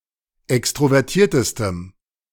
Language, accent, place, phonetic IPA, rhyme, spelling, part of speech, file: German, Germany, Berlin, [ˌɛkstʁovɛʁˈtiːɐ̯təstəm], -iːɐ̯təstəm, extrovertiertestem, adjective, De-extrovertiertestem.ogg
- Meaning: strong dative masculine/neuter singular superlative degree of extrovertiert